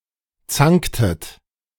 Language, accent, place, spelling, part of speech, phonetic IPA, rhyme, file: German, Germany, Berlin, zanktet, verb, [ˈt͡saŋktət], -aŋktət, De-zanktet.ogg
- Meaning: inflection of zanken: 1. second-person plural preterite 2. second-person plural subjunctive II